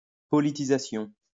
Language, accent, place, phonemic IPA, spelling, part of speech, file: French, France, Lyon, /pɔ.li.ti.za.sjɔ̃/, politisation, noun, LL-Q150 (fra)-politisation.wav
- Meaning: politicization